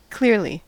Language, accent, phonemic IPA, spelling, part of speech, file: English, US, /ˈklɪɚli/, clearly, adverb, En-us-clearly.ogg
- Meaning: 1. In a clear manner 2. Without a doubt; obviously 3. To a degree clearly discernible